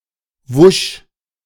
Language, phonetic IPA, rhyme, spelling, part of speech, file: German, [vʊʃ], -ʊʃ, wusch, interjection, De-wusch.ogg